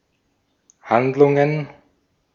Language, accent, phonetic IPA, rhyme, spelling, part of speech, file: German, Austria, [ˈhandlʊŋən], -andlʊŋən, Handlungen, noun, De-at-Handlungen.ogg
- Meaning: plural of Handlung